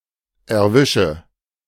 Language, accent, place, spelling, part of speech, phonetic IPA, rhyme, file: German, Germany, Berlin, erwische, verb, [ɛɐ̯ˈvɪʃə], -ɪʃə, De-erwische.ogg
- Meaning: inflection of erwischen: 1. first-person singular present 2. singular imperative 3. first/third-person singular subjunctive I